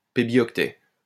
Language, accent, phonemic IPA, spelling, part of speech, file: French, France, /pe.bjɔk.tɛ/, pébioctet, noun, LL-Q150 (fra)-pébioctet.wav
- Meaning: pebibyte